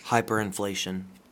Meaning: 1. Excessive inflation 2. A very high rate of inflation
- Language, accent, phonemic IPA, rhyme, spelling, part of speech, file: English, US, /ˌhaɪpəɹɪnˈfleɪʃən/, -eɪʃən, hyperinflation, noun, En-us-hyperinflation.ogg